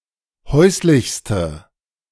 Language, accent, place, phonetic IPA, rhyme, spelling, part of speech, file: German, Germany, Berlin, [ˈhɔɪ̯slɪçstə], -ɔɪ̯slɪçstə, häuslichste, adjective, De-häuslichste.ogg
- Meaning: inflection of häuslich: 1. strong/mixed nominative/accusative feminine singular superlative degree 2. strong nominative/accusative plural superlative degree